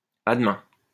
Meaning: see you tomorrow
- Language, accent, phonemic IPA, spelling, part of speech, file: French, France, /a d(ə).mɛ̃/, à demain, phrase, LL-Q150 (fra)-à demain.wav